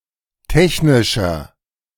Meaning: inflection of technisch: 1. strong/mixed nominative masculine singular 2. strong genitive/dative feminine singular 3. strong genitive plural
- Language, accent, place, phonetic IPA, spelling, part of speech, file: German, Germany, Berlin, [ˈtɛçnɪʃɐ], technischer, adjective, De-technischer.ogg